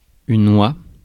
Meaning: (noun) goose; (verb) first/third-person singular present subjunctive of ouïr
- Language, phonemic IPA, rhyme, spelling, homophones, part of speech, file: French, /wa/, -a, oie, oient / oies / ois / oit / houa / houas, noun / verb, Fr-oie.ogg